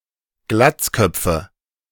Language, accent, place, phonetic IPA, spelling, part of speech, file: German, Germany, Berlin, [ˈɡlat͡sˌkœp͡fə], Glatzköpfe, noun, De-Glatzköpfe.ogg
- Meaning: nominative/accusative/genitive plural of Glatzkopf